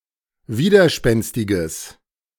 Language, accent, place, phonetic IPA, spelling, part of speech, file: German, Germany, Berlin, [ˈviːdɐˌʃpɛnstɪɡəs], widerspenstiges, adjective, De-widerspenstiges.ogg
- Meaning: strong/mixed nominative/accusative neuter singular of widerspenstig